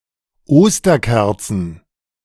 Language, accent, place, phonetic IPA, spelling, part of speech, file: German, Germany, Berlin, [ˈoːstɐˌkɛɐ̯t͡sn̩], Osterkerzen, noun, De-Osterkerzen.ogg
- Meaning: plural of Osterkerze